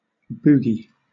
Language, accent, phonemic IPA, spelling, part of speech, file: English, Southern England, /ˈbuː.ɡi/, boogie, noun / verb, LL-Q1860 (eng)-boogie.wav
- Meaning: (noun) 1. A piece of solid or semisolid mucus in or removed from the nostril cavity 2. A style of swing dance 3. Any relatively energetic dance to pop or rock music